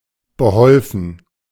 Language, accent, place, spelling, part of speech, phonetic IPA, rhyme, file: German, Germany, Berlin, beholfen, verb, [bəˈhɔlfn̩], -ɔlfn̩, De-beholfen.ogg
- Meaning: past participle of behelfen